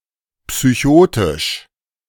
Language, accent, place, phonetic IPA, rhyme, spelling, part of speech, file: German, Germany, Berlin, [psyˈçoːtɪʃ], -oːtɪʃ, psychotisch, adjective, De-psychotisch.ogg
- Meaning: psychotic